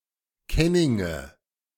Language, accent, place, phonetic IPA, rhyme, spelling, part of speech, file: German, Germany, Berlin, [ˈkɛnɪŋə], -ɛnɪŋə, Kenninge, noun, De-Kenninge.ogg
- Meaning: nominative/accusative/genitive plural of Kenning